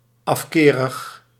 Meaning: loath, having an aversion
- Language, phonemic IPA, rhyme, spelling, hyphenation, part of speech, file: Dutch, /ˌɑfˈkeː.rəx/, -eːrəx, afkerig, af‧ke‧rig, adjective, Nl-afkerig.ogg